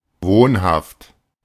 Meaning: resident (in the place mentioned)
- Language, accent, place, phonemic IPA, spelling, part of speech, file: German, Germany, Berlin, /ˈvoːnhaft/, wohnhaft, adjective, De-wohnhaft.ogg